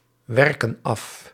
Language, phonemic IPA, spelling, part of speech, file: Dutch, /ˈwɛrkə(n) ˈɑf/, werken af, verb, Nl-werken af.ogg
- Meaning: inflection of afwerken: 1. plural present indicative 2. plural present subjunctive